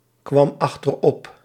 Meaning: singular past indicative of achteropkomen
- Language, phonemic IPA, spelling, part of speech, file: Dutch, /ˈkwɑm ɑxtərˈɔp/, kwam achterop, verb, Nl-kwam achterop.ogg